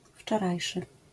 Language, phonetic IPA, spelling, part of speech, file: Polish, [ft͡ʃɔˈrajʃɨ], wczorajszy, adjective, LL-Q809 (pol)-wczorajszy.wav